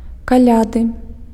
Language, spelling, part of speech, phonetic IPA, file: Belarusian, каляды, noun, [kaˈlʲadɨ], Be-каляды.ogg
- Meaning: Christmas